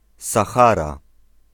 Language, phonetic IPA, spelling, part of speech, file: Polish, [saˈxara], Sahara, proper noun, Pl-Sahara.ogg